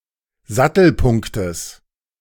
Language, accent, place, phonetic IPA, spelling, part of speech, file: German, Germany, Berlin, [ˈzatl̩ˌpʊŋktəs], Sattelpunktes, noun, De-Sattelpunktes.ogg
- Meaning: genitive of Sattelpunkt